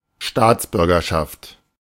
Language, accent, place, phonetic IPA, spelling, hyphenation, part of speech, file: German, Germany, Berlin, [ˈʃtaːt͡sbʏʁɡɐˌʃaft], Staatsbürgerschaft, Staats‧bür‧ger‧schaft, noun, De-Staatsbürgerschaft.ogg
- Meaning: nationality, citizenship